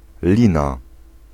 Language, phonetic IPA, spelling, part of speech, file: Polish, [ˈlʲĩna], lina, noun, Pl-lina.ogg